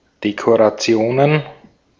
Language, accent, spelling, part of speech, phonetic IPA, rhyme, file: German, Austria, Dekorationen, noun, [dekoʁaˈt͡si̯oːnən], -oːnən, De-at-Dekorationen.ogg
- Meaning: plural of Dekoration